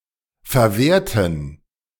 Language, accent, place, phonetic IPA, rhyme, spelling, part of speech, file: German, Germany, Berlin, [fɛɐ̯ˈveːɐ̯tn̩], -eːɐ̯tn̩, verwehrten, adjective / verb, De-verwehrten.ogg
- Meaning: inflection of verwehren: 1. first/third-person plural preterite 2. first/third-person plural subjunctive II